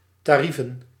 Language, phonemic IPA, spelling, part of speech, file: Dutch, /tɑˈrivə(n)/, tarieven, noun, Nl-tarieven.ogg
- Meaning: plural of tarief